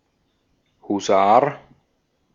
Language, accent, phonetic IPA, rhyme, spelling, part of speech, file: German, Austria, [huˈzaːɐ̯], -aːɐ̯, Husar, noun, De-at-Husar.ogg
- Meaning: hussar